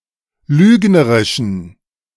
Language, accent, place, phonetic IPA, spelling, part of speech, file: German, Germany, Berlin, [ˈlyːɡnəʁɪʃn̩], lügnerischen, adjective, De-lügnerischen.ogg
- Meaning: inflection of lügnerisch: 1. strong genitive masculine/neuter singular 2. weak/mixed genitive/dative all-gender singular 3. strong/weak/mixed accusative masculine singular 4. strong dative plural